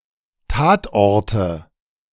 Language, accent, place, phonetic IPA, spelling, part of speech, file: German, Germany, Berlin, [ˈtaːtˌʔɔʁtə], Tatorte, noun, De-Tatorte.ogg
- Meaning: nominative/accusative/genitive plural of Tatort